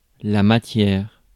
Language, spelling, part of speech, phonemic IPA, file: French, matière, noun, /ma.tjɛʁ/, Fr-matière.ogg
- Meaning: 1. material (substance of which something is made) 2. matter (material things, things in general) 3. matter 4. matter (that which is thought) 5. content, matter (the thing in question)